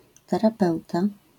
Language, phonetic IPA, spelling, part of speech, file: Polish, [ˌtɛraˈpɛwta], terapeuta, noun, LL-Q809 (pol)-terapeuta.wav